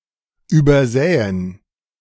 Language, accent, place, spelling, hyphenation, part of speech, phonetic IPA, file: German, Germany, Berlin, übersäen, über‧sä‧en, verb, [yːbɐˈzɛːən], De-übersäen.ogg
- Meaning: to strew, to stud, to litter